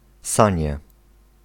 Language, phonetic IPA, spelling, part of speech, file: Polish, [ˈsãɲɛ], sanie, noun, Pl-sanie.ogg